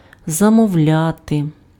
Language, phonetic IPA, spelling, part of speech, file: Ukrainian, [zɐmɔu̯ˈlʲate], замовляти, verb, Uk-замовляти.ogg
- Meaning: 1. to order (request some product or service; secure by placing an order) 2. to reserve, to book (secure the acquisition or use of something in advance)